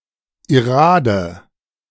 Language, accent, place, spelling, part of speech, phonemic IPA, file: German, Germany, Berlin, Irade, noun, /iˈraːdə/, De-Irade.ogg
- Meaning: irade